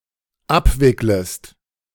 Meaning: second-person singular dependent subjunctive I of abwickeln
- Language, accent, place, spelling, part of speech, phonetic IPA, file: German, Germany, Berlin, abwicklest, verb, [ˈapˌvɪkləst], De-abwicklest.ogg